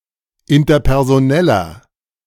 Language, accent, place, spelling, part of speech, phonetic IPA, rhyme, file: German, Germany, Berlin, interpersoneller, adjective, [ɪntɐpɛʁzoˈnɛlɐ], -ɛlɐ, De-interpersoneller.ogg
- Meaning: inflection of interpersonell: 1. strong/mixed nominative masculine singular 2. strong genitive/dative feminine singular 3. strong genitive plural